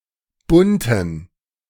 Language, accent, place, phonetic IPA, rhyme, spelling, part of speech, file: German, Germany, Berlin, [ˈbʊntn̩], -ʊntn̩, bunten, adjective, De-bunten.ogg
- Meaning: inflection of bunt: 1. strong genitive masculine/neuter singular 2. weak/mixed genitive/dative all-gender singular 3. strong/weak/mixed accusative masculine singular 4. strong dative plural